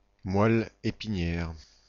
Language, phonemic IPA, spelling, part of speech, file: French, /mwa.l‿e.pi.njɛʁ/, moelle épinière, noun, Fr-moelle épinière.oga
- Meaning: spinal cord